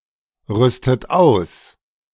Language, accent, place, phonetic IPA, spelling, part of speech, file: German, Germany, Berlin, [ˌʁʏstət ˈaʊ̯s], rüstet aus, verb, De-rüstet aus.ogg
- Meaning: inflection of ausrüsten: 1. third-person singular present 2. second-person plural present 3. second-person plural subjunctive I 4. plural imperative